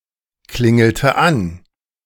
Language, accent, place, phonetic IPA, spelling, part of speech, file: German, Germany, Berlin, [ˌklɪŋl̩tə ˈan], klingelte an, verb, De-klingelte an.ogg
- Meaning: inflection of anklingeln: 1. first/third-person singular preterite 2. first/third-person singular subjunctive II